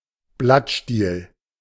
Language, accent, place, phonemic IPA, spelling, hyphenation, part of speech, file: German, Germany, Berlin, /ˈblatʃtiːl/, Blattstiel, Blatt‧stiel, noun, De-Blattstiel.ogg
- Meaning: petiole, leafstalk